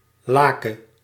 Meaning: singular present subjunctive of laken
- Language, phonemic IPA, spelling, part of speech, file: Dutch, /ˈlaːkə/, lake, verb, Nl-lake.ogg